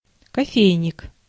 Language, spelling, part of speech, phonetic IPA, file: Russian, кофейник, noun, [kɐˈfʲejnʲɪk], Ru-кофейник.ogg
- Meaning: coffee pot